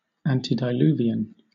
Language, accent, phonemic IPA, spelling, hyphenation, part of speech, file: English, Southern England, /ˌæn.tɪ.dɪˈluː.vɪ.ən/, antediluvian, an‧te‧di‧luv‧i‧an, adjective / noun, LL-Q1860 (eng)-antediluvian.wav